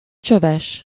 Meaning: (adjective) 1. tubular (tube-shaped) 2. having one or more tubes 3. of low quality; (noun) homeless, beggar
- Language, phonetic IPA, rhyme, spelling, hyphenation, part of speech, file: Hungarian, [ˈt͡ʃøvɛʃ], -ɛʃ, csöves, csö‧ves, adjective / noun, Hu-csöves.ogg